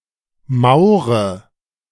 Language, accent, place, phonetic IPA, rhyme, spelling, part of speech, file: German, Germany, Berlin, [ˈmaʊ̯ʁə], -aʊ̯ʁə, maure, verb, De-maure.ogg
- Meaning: inflection of mauern: 1. first-person singular present 2. first/third-person singular subjunctive I 3. singular imperative